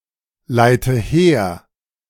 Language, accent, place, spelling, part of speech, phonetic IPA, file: German, Germany, Berlin, leite her, verb, [ˌlaɪ̯tə ˈheːɐ̯], De-leite her.ogg
- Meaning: inflection of herleiten: 1. first-person singular present 2. first/third-person singular subjunctive I 3. singular imperative